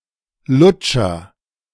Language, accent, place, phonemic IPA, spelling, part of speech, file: German, Germany, Berlin, /ˈlʊt͡ʃɐ/, Lutscher, noun, De-Lutscher.ogg
- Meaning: 1. agent noun of lutschen; sucker 2. lollipop, lolly